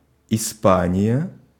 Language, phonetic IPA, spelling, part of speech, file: Russian, [ɪˈspanʲɪjɐ], Испания, proper noun, Ru-Испания.ogg
- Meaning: Spain (a country in Southern Europe, including most of the Iberian peninsula)